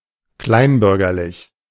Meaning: petty bourgeois
- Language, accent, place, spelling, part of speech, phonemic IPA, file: German, Germany, Berlin, kleinbürgerlich, adjective, /ˈklaɪ̯nˌbʏʁɡɐlɪç/, De-kleinbürgerlich.ogg